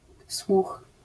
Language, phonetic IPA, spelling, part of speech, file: Polish, [swux], słuch, noun, LL-Q809 (pol)-słuch.wav